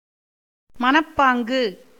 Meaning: state of mind
- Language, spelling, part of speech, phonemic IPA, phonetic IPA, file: Tamil, மனப்பாங்கு, noun, /mɐnɐpːɑːŋɡɯ/, [mɐnɐpːäːŋɡɯ], Ta-மனப்பாங்கு.ogg